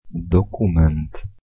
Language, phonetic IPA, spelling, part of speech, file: Polish, [dɔˈkũmɛ̃nt], dokument, noun, Pl-dokument.ogg